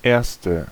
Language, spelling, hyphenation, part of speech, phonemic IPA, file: German, erste, ers‧te, adjective, /ˈeːrstə/, De-erste.ogg
- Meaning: first